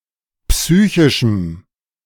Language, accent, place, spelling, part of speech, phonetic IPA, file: German, Germany, Berlin, psychischem, adjective, [ˈpsyːçɪʃm̩], De-psychischem.ogg
- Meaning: strong dative masculine/neuter singular of psychisch